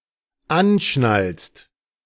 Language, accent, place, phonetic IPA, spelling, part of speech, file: German, Germany, Berlin, [ˈanˌʃnalst], anschnallst, verb, De-anschnallst.ogg
- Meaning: second-person singular dependent present of anschnallen